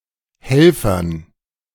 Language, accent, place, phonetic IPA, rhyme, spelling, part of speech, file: German, Germany, Berlin, [ˈhɛlfɐn], -ɛlfɐn, Helfern, noun, De-Helfern.ogg
- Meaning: dative plural of Helfer